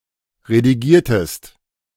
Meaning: inflection of redigieren: 1. second-person singular preterite 2. second-person singular subjunctive II
- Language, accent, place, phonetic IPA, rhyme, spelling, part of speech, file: German, Germany, Berlin, [ʁediˈɡiːɐ̯təst], -iːɐ̯təst, redigiertest, verb, De-redigiertest.ogg